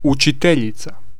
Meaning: teacher (female)
- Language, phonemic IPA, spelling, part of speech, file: Serbo-Croatian, /ut͡ʃitěʎit͡sa/, učiteljica, noun, Hr-učiteljica.ogg